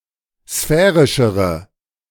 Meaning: inflection of sphärisch: 1. strong/mixed nominative/accusative feminine singular comparative degree 2. strong nominative/accusative plural comparative degree
- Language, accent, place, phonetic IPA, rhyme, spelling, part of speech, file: German, Germany, Berlin, [ˈsfɛːʁɪʃəʁə], -ɛːʁɪʃəʁə, sphärischere, adjective, De-sphärischere.ogg